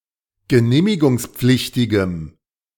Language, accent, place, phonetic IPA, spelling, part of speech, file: German, Germany, Berlin, [ɡəˈneːmɪɡʊŋsˌp͡flɪçtɪɡəm], genehmigungspflichtigem, adjective, De-genehmigungspflichtigem.ogg
- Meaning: strong dative masculine/neuter singular of genehmigungspflichtig